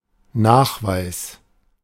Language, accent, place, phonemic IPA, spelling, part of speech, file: German, Germany, Berlin, /ˈnaːχˌvaɪ̯s/, Nachweis, noun, De-Nachweis.ogg
- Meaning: proof, verification, confirmation